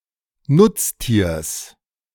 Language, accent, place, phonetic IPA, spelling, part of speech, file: German, Germany, Berlin, [ˈnʊt͡sˌtiːɐ̯s], Nutztiers, noun, De-Nutztiers.ogg
- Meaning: genitive singular of Nutztier